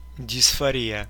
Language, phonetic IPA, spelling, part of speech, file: Russian, [dʲɪsfɐˈrʲijə], дисфория, noun, Ru-дисфори́я.ogg
- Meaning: dysphoria